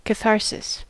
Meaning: A release of emotional tension after an overwhelming vicarious experience, resulting in the purging or purification of the emotions, as through watching a dramatic production (especially a tragedy)
- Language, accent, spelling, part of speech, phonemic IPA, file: English, US, catharsis, noun, /kəˈθɑɹˌsɪs/, En-us-catharsis.ogg